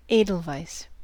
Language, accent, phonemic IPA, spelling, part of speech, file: English, US, /ˈeɪdəlvaɪs/, edelweiss, noun, En-us-edelweiss.ogg
- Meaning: A European perennial alpine plant (Leontopodium alpinum), with downy leaves and small white flower heads in a dense cluster